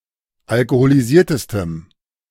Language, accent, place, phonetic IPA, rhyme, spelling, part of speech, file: German, Germany, Berlin, [alkoholiˈziːɐ̯təstəm], -iːɐ̯təstəm, alkoholisiertestem, adjective, De-alkoholisiertestem.ogg
- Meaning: strong dative masculine/neuter singular superlative degree of alkoholisiert